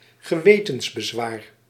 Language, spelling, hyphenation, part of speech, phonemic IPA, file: Dutch, gewetensbezwaar, ge‧we‧tens‧be‧zwaar, noun, /ɣəˈʋeː.təns.bəˌzʋaːr/, Nl-gewetensbezwaar.ogg
- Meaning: conscientious objection